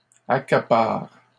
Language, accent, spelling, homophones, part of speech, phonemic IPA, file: French, Canada, accaparent, accapare / accapares, verb, /a.ka.paʁ/, LL-Q150 (fra)-accaparent.wav
- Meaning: third-person plural present indicative/subjunctive of accaparer